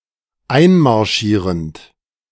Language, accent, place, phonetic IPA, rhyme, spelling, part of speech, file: German, Germany, Berlin, [ˈaɪ̯nmaʁˌʃiːʁənt], -aɪ̯nmaʁʃiːʁənt, einmarschierend, verb, De-einmarschierend.ogg
- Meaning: present participle of einmarschieren